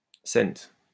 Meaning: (noun) abbreviation of cent; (conjunction) abbreviation of comme; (noun) abbreviation of collection
- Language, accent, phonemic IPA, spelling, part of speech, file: French, France, /sɛnt/, c., noun / conjunction, LL-Q150 (fra)-c..wav